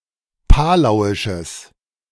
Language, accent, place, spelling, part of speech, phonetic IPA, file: German, Germany, Berlin, palauisches, adjective, [ˈpaːlaʊ̯ɪʃəs], De-palauisches.ogg
- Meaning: strong/mixed nominative/accusative neuter singular of palauisch